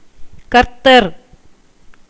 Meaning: 1. the Lord 2. Christ (Jesus of Nazareth)
- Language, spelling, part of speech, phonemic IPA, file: Tamil, கர்த்தர், proper noun, /kɐɾt̪ːɐɾ/, Ta-கர்த்தர்.ogg